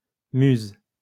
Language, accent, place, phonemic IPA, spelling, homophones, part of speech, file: French, France, Lyon, /myz/, muse, musent / muses, noun / verb, LL-Q150 (fra)-muse.wav
- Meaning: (noun) 1. artistic inspiration 2. muse (specific artistic subject); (verb) inflection of muser: 1. first/third-person singular present indicative/subjunctive 2. second-person singular imperative